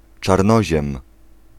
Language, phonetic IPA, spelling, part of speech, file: Polish, [t͡ʃarˈnɔʑɛ̃m], czarnoziem, noun, Pl-czarnoziem.ogg